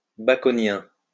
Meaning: Baconian
- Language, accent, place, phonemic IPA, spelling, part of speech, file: French, France, Lyon, /ba.kɔ.njɛ̃/, baconien, adjective, LL-Q150 (fra)-baconien.wav